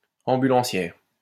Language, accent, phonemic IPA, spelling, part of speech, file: French, France, /ɑ̃.by.lɑ̃.sjɛʁ/, ambulancière, noun, LL-Q150 (fra)-ambulancière.wav
- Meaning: female equivalent of ambulancier